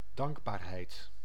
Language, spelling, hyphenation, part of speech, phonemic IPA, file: Dutch, dankbaarheid, dank‧baar‧heid, noun, /ˈdɑŋk.baːrˌɦɛi̯t/, Nl-dankbaarheid.ogg
- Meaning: thankfulness, gratitude